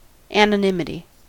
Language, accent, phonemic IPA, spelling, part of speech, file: English, US, /ænəˈnɪmɪti/, anonymity, noun, En-us-anonymity.ogg
- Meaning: 1. The quality or state of being anonymous (nameless or unidentified) 2. That which is anonymous 3. The quality or state of being generally unknown, unrecognized, or uncelebrated